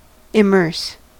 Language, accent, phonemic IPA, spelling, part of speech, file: English, US, /ɪˈmɜɹs/, immerse, verb / adjective, En-us-immerse.ogg
- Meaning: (verb) 1. To place within a fluid (generally a liquid, but also a gas) 2. To involve or engage deeply 3. To map into an immersion; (adjective) Immersed; buried; sunk